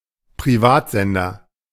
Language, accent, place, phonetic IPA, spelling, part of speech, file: German, Germany, Berlin, [pʁiˈvaːtˌzɛndɐ], Privatsender, noun, De-Privatsender.ogg
- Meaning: commercial broadcaster